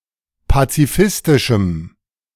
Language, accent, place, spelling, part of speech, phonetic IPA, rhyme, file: German, Germany, Berlin, pazifistischem, adjective, [pat͡siˈfɪstɪʃm̩], -ɪstɪʃm̩, De-pazifistischem.ogg
- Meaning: strong dative masculine/neuter singular of pazifistisch